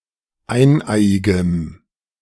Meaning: strong dative masculine/neuter singular of eineiig
- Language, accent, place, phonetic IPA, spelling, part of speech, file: German, Germany, Berlin, [ˈaɪ̯nˌʔaɪ̯ɪɡəm], eineiigem, adjective, De-eineiigem.ogg